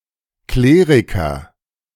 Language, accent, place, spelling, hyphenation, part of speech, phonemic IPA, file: German, Germany, Berlin, Kleriker, Kle‧ri‧ker, noun, /ˈkleːʁikɐ/, De-Kleriker.ogg
- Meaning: clergyman (male Christian minister belonging to the clergy)